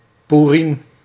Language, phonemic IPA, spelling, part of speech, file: Dutch, /ˈpurɪm/, Poerim, noun, Nl-Poerim.ogg
- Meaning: Purim